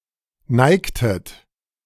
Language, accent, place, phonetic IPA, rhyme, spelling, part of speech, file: German, Germany, Berlin, [ˈnaɪ̯ktət], -aɪ̯ktət, neigtet, verb, De-neigtet.ogg
- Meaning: inflection of neigen: 1. second-person plural preterite 2. second-person plural subjunctive II